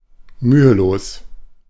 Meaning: effortless
- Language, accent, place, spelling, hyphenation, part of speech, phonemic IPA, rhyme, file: German, Germany, Berlin, mühelos, mü‧he‧los, adjective, /ˈmyːəˌloːs/, -oːs, De-mühelos.ogg